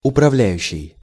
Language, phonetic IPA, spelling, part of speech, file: Russian, [ʊprɐˈvlʲæjʉɕːɪj], управляющий, verb / noun, Ru-управляющий.ogg
- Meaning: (verb) present active imperfective participle of управля́ть (upravljátʹ); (noun) manager, administrator